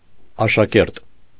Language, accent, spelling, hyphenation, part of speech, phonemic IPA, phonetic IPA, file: Armenian, Eastern Armenian, աշակերտ, ա‧շա‧կերտ, noun, /ɑʃɑˈkeɾt/, [ɑʃɑkéɾt], Hy-աշակերտ .ogg
- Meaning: 1. schoolchild, pupil; apprentice 2. disciple